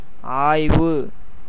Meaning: 1. investigation, research, study 2. width, breadth 3. minuteness, diminution, reduction 4. distress, suffering
- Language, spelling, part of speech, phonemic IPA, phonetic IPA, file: Tamil, ஆய்வு, noun, /ɑːjʋɯ/, [äːjʋɯ], Ta-ஆய்வு.ogg